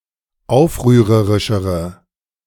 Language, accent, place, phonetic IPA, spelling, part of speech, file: German, Germany, Berlin, [ˈaʊ̯fʁyːʁəʁɪʃəʁə], aufrührerischere, adjective, De-aufrührerischere.ogg
- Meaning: inflection of aufrührerisch: 1. strong/mixed nominative/accusative feminine singular comparative degree 2. strong nominative/accusative plural comparative degree